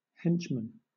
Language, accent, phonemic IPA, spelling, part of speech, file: English, Southern England, /ˈhɛnt͡ʃ.mən/, henchman, noun, LL-Q1860 (eng)-henchman.wav
- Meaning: 1. A loyal and trusted follower or subordinate 2. A person who supports a political figure chiefly out of selfish interests 3. An assistant member of a criminal gang